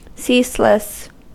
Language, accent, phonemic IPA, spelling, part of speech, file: English, US, /ˈsiːsləs/, ceaseless, adjective, En-us-ceaseless.ogg
- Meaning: 1. Without an end 2. Without stop or pause, incessant